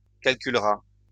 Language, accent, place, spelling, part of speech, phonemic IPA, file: French, France, Lyon, calculera, verb, /kal.kyl.ʁa/, LL-Q150 (fra)-calculera.wav
- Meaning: third-person singular future of calculer